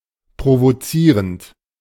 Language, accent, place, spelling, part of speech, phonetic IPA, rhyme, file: German, Germany, Berlin, provozierend, verb, [pʁovoˈt͡siːʁənt], -iːʁənt, De-provozierend.ogg
- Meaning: present participle of provozieren